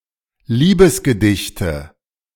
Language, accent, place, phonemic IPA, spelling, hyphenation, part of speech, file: German, Germany, Berlin, /ˈliːbəsɡəˌdɪçtə/, Liebesgedichte, Lie‧bes‧ge‧dich‧te, noun, De-Liebesgedichte.ogg
- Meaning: nominative/accusative/genitive plural of Liebesgedicht